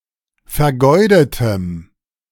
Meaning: strong dative masculine/neuter singular of vergeudet
- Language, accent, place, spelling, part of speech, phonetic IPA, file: German, Germany, Berlin, vergeudetem, adjective, [fɛɐ̯ˈɡɔɪ̯dətəm], De-vergeudetem.ogg